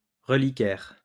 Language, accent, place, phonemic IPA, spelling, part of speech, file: French, France, Lyon, /ʁə.li.kɛʁ/, reliquaire, noun, LL-Q150 (fra)-reliquaire.wav
- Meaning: reliquary (container)